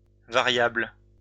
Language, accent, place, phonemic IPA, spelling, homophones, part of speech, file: French, France, Lyon, /va.ʁjabl/, variables, variable, noun, LL-Q150 (fra)-variables.wav
- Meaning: plural of variable